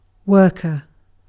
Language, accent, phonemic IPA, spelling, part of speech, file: English, UK, /ˈwɜː.kə/, worker, noun, En-uk-worker.ogg
- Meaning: 1. One who works: a person who performs labor for a living; traditionally, especially, manual labor 2. A nonreproductive social insect, such as ant, bee, termite, or wasp